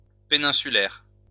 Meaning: peninsular
- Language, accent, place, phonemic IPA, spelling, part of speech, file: French, France, Lyon, /pe.nɛ̃.sy.lɛʁ/, péninsulaire, adjective, LL-Q150 (fra)-péninsulaire.wav